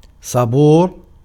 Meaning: habitually patient
- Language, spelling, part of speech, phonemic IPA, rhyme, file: Arabic, صبور, adjective, /sˤa.buːr/, -uːr, Ar-صبور.ogg